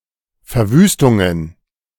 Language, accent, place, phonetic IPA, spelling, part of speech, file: German, Germany, Berlin, [fɛɐ̯ˈvyːstʊŋən], Verwüstungen, noun, De-Verwüstungen.ogg
- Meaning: plural of Verwüstung